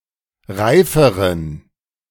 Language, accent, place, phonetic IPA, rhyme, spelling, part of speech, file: German, Germany, Berlin, [ˈʁaɪ̯fəʁən], -aɪ̯fəʁən, reiferen, adjective, De-reiferen.ogg
- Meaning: inflection of reif: 1. strong genitive masculine/neuter singular comparative degree 2. weak/mixed genitive/dative all-gender singular comparative degree